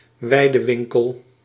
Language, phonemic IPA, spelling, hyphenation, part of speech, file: Dutch, /ˈʋɛi̯.dəˌʋɪŋ.kəl/, weidewinkel, wei‧de‧win‧kel, noun, Nl-weidewinkel.ogg
- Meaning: a large supermarket, DIY centre or warehouse built on an industrial estate or outside built-up areas